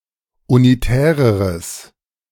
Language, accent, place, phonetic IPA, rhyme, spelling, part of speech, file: German, Germany, Berlin, [uniˈtɛːʁəʁəs], -ɛːʁəʁəs, unitäreres, adjective, De-unitäreres.ogg
- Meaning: strong/mixed nominative/accusative neuter singular comparative degree of unitär